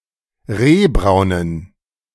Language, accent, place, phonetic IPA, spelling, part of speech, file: German, Germany, Berlin, [ˈʁeːˌbʁaʊ̯nən], rehbraunen, adjective, De-rehbraunen.ogg
- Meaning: inflection of rehbraun: 1. strong genitive masculine/neuter singular 2. weak/mixed genitive/dative all-gender singular 3. strong/weak/mixed accusative masculine singular 4. strong dative plural